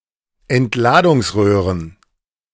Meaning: plural of Entladungsröhre
- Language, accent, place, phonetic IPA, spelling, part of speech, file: German, Germany, Berlin, [ɛntˈlaːdʊŋsˌʁøːʁən], Entladungsröhren, noun, De-Entladungsröhren.ogg